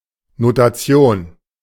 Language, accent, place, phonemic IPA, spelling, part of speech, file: German, Germany, Berlin, /(ˌ)no.taˈtsjoːn/, Notation, noun, De-Notation.ogg
- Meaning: notation